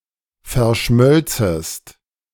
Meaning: second-person singular subjunctive II of verschmelzen
- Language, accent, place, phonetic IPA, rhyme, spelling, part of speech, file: German, Germany, Berlin, [fɛɐ̯ˈʃmœlt͡səst], -œlt͡səst, verschmölzest, verb, De-verschmölzest.ogg